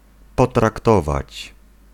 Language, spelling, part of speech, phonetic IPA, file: Polish, potraktować, verb, [ˌpɔtrakˈtɔvat͡ɕ], Pl-potraktować.ogg